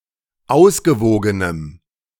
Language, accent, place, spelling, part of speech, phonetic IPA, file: German, Germany, Berlin, ausgewogenem, adjective, [ˈaʊ̯sɡəˌvoːɡənəm], De-ausgewogenem.ogg
- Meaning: strong dative masculine/neuter singular of ausgewogen